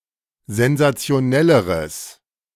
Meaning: strong/mixed nominative/accusative neuter singular comparative degree of sensationell
- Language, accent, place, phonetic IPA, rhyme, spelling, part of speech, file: German, Germany, Berlin, [zɛnzat͡si̯oˈnɛləʁəs], -ɛləʁəs, sensationelleres, adjective, De-sensationelleres.ogg